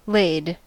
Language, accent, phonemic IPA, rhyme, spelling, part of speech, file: English, US, /leɪd/, -eɪd, laid, verb / adjective, En-us-laid.ogg
- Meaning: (verb) 1. simple past and past participle of lay 2. simple past and past participle of lie (“to be oriented in a horizontal position, situated”)